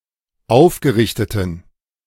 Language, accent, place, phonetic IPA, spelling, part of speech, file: German, Germany, Berlin, [ˈaʊ̯fɡəˌʁɪçtətn̩], aufgerichteten, adjective, De-aufgerichteten.ogg
- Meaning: inflection of aufgerichtet: 1. strong genitive masculine/neuter singular 2. weak/mixed genitive/dative all-gender singular 3. strong/weak/mixed accusative masculine singular 4. strong dative plural